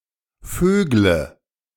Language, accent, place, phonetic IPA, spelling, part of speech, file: German, Germany, Berlin, [ˈføːɡlə], vögle, verb, De-vögle.ogg
- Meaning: inflection of vögeln: 1. first-person singular present 2. first/third-person singular subjunctive I 3. singular imperative